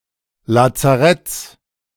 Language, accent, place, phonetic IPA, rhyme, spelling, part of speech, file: German, Germany, Berlin, [lat͡saˈʁɛt͡s], -ɛt͡s, Lazaretts, noun, De-Lazaretts.ogg
- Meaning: 1. genitive singular of Lazarett 2. plural of Lazarett